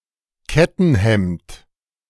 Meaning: coat of mail
- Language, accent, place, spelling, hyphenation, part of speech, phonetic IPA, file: German, Germany, Berlin, Kettenhemd, Ket‧ten‧hemd, noun, [ˈkɛtn̩ˌhɛmt], De-Kettenhemd.ogg